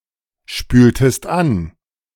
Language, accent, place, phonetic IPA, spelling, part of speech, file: German, Germany, Berlin, [ˌʃpyːltəst ˈan], spültest an, verb, De-spültest an.ogg
- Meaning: inflection of anspülen: 1. second-person singular preterite 2. second-person singular subjunctive II